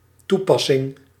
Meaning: 1. application, act of applying 2. purpose, use 3. application, program
- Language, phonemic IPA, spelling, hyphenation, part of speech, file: Dutch, /ˈtuˌpɑ.sɪŋ/, toepassing, toe‧pas‧sing, noun, Nl-toepassing.ogg